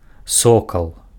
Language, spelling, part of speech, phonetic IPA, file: Belarusian, сокал, noun, [ˈsokaɫ], Be-сокал.ogg
- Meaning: falcon